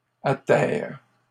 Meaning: second-person singular present indicative/subjunctive of atterrer
- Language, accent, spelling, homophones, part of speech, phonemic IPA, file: French, Canada, atterres, atterre / atterrent, verb, /a.tɛʁ/, LL-Q150 (fra)-atterres.wav